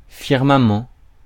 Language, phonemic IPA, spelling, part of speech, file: French, /fiʁ.ma.mɑ̃/, firmament, noun, Fr-firmament.ogg
- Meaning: firmament